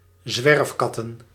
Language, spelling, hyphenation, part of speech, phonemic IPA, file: Dutch, zwerfkatten, zwerf‧kat‧ten, noun, /ˈzʋɛrfkɑtə(n)/, Nl-zwerfkatten.ogg
- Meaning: plural of zwerfkat